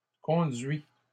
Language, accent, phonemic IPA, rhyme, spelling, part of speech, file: French, Canada, /kɔ̃.dɥi/, -ɥi, conduits, noun / verb, LL-Q150 (fra)-conduits.wav
- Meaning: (noun) plural of conduit; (verb) masculine plural of conduit